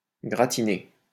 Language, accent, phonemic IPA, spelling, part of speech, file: French, France, /ɡʁa.ti.ne/, gratinée, verb, LL-Q150 (fra)-gratinée.wav
- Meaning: feminine singular of gratiné